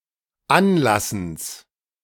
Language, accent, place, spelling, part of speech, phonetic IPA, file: German, Germany, Berlin, Anlassens, noun, [ˈanˌlasn̩s], De-Anlassens.ogg
- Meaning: genitive singular of Anlassen